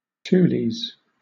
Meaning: plural of tule
- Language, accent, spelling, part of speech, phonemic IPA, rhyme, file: English, Southern England, tules, noun, /ˈtuːliz/, -uːliz, LL-Q1860 (eng)-tules.wav